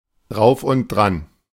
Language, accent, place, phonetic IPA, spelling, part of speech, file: German, Germany, Berlin, [dʁaʊ̯f ʊnt dʁan], drauf und dran, adverb, De-drauf und dran.ogg
- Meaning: about to